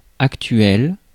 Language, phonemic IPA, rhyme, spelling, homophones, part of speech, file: French, /ak.tɥɛl/, -ɛl, actuel, actuelle / actuelles / actuels, adjective, Fr-actuel.ogg
- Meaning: current